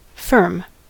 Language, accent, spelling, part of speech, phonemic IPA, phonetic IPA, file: English, US, firm, noun / adjective / adverb / verb, /fɜɹm/, [fɚm], En-us-firm.ogg
- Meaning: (noun) 1. A business partnership; the name under which it trades 2. A business enterprise, however organized 3. A criminal gang, especially based around football hooliganism